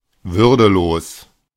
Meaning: undignified
- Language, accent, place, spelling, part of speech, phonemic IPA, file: German, Germany, Berlin, würdelos, adjective, /ˈvʏʁdəˌloːs/, De-würdelos.ogg